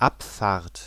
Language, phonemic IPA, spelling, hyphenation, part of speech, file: German, /ˈapˌfaːrt/, Abfahrt, Ab‧fahrt, noun, De-Abfahrt.ogg
- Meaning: 1. departure (of a land or water vehicle) 2. exit, slip road, off-ramp (lane used to leave a motorway) 3. slope, piste 4. downhill (fastest of the four alpine competitions)